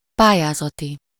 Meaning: of or relating to a competition or an application
- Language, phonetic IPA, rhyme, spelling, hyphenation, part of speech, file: Hungarian, [ˈpaːjaːzɒti], -ti, pályázati, pá‧lyá‧za‧ti, adjective, Hu-pályázati.ogg